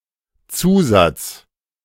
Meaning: addition, additive
- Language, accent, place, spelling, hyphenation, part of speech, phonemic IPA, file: German, Germany, Berlin, Zusatz, Zu‧satz, noun, /ˈt͡suːzat͡s/, De-Zusatz.ogg